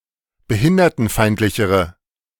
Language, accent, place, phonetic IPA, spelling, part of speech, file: German, Germany, Berlin, [bəˈhɪndɐtn̩ˌfaɪ̯ntlɪçəʁə], behindertenfeindlichere, adjective, De-behindertenfeindlichere.ogg
- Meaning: inflection of behindertenfeindlich: 1. strong/mixed nominative/accusative feminine singular comparative degree 2. strong nominative/accusative plural comparative degree